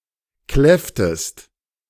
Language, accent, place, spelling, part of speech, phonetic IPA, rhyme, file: German, Germany, Berlin, kläfftest, verb, [ˈklɛftəst], -ɛftəst, De-kläfftest.ogg
- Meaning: inflection of kläffen: 1. second-person singular preterite 2. second-person singular subjunctive II